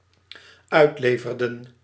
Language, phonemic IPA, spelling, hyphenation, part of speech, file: Dutch, /ˈœy̯tˌleː.vər.də(n)/, uitleverden, uit‧le‧ver‧den, verb, Nl-uitleverden.ogg
- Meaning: inflection of uitleveren: 1. plural dependent-clause past indicative 2. plural dependent-clause past subjunctive